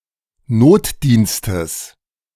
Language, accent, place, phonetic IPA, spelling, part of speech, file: German, Germany, Berlin, [ˈnoːtˌdiːnstəs], Notdienstes, noun, De-Notdienstes.ogg
- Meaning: genitive singular of Notdienst